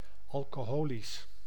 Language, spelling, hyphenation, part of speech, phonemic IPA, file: Dutch, alcoholisch, al‧co‧ho‧lisch, adjective, /ˌɑl.koːˈɦoː.lis/, Nl-alcoholisch.ogg
- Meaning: alcoholic